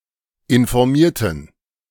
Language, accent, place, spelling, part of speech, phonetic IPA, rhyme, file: German, Germany, Berlin, informierten, adjective / verb, [ɪnfɔʁˈmiːɐ̯tn̩], -iːɐ̯tn̩, De-informierten.ogg
- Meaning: inflection of informieren: 1. first/third-person plural preterite 2. first/third-person plural subjunctive II